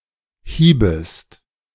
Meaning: second-person singular subjunctive I of hauen
- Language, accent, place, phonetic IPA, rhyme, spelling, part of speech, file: German, Germany, Berlin, [ˈhiːbəst], -iːbəst, hiebest, verb, De-hiebest.ogg